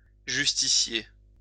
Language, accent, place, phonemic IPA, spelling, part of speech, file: French, France, Lyon, /ʒys.ti.sje/, justicier, noun, LL-Q150 (fra)-justicier.wav
- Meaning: 1. a justicer (an upholder of the law) 2. a justice (a judge) 3. a justiciar or justiciary (a high-ranking medieval judge)